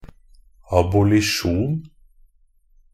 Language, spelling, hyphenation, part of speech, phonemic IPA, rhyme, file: Norwegian Bokmål, abolisjon, ab‧o‧li‧sjon, noun, /abʊlɪˈʃuːn/, -uːn, NB - Pronunciation of Norwegian Bokmål «abolisjon».ogg
- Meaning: exemption from punishment